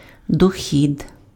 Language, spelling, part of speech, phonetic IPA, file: Ukrainian, дохід, noun, [doˈxʲid], Uk-дохід.ogg
- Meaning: income, revenue